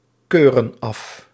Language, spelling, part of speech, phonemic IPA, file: Dutch, keuren af, verb, /ˈkørə(n) ˈɑf/, Nl-keuren af.ogg
- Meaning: inflection of afkeuren: 1. plural present indicative 2. plural present subjunctive